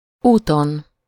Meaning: 1. superessive singular of út 2. on one's way (on the direct route that one intends to travel; used with felé)
- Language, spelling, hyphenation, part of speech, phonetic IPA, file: Hungarian, úton, úton, noun, [ˈuːton], Hu-úton.ogg